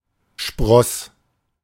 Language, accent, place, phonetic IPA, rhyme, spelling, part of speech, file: German, Germany, Berlin, [ʃpʁɔs], -ɔs, spross, verb, De-spross.ogg
- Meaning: first/third-person singular preterite of sprießen